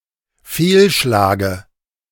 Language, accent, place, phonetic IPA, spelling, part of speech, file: German, Germany, Berlin, [ˈfeːlˌʃlaːɡə], Fehlschlage, noun, De-Fehlschlage.ogg
- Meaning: dative singular of Fehlschlag